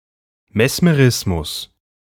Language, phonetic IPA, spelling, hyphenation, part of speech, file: German, [mɛsməˈʁɪsmʊs], Mesmerismus, Mes‧me‧ris‧mus, noun, De-Mesmerismus.ogg
- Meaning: mesmerism